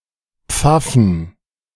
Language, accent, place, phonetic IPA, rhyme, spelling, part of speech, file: German, Germany, Berlin, [ˈp͡fafn̩], -afn̩, Pfaffen, noun, De-Pfaffen.ogg
- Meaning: plural of Pfaffe